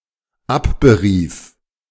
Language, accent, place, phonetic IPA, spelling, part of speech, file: German, Germany, Berlin, [ˈapbəˌʁiːf], abberief, verb, De-abberief.ogg
- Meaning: first/third-person singular dependent preterite of abberufen